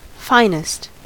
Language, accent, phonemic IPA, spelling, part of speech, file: English, US, /ˈfaɪnɪst/, finest, adjective / noun, En-us-finest.ogg
- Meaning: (adjective) superlative form of fine: most fine; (noun) 1. Police officers 2. Members of the military